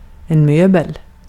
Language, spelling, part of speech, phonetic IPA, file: Swedish, möbel, noun, [ˈmøːbəl], Sv-möbel.ogg
- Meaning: a piece of furniture